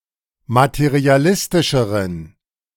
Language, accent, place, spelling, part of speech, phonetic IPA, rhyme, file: German, Germany, Berlin, materialistischeren, adjective, [matəʁiaˈlɪstɪʃəʁən], -ɪstɪʃəʁən, De-materialistischeren.ogg
- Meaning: inflection of materialistisch: 1. strong genitive masculine/neuter singular comparative degree 2. weak/mixed genitive/dative all-gender singular comparative degree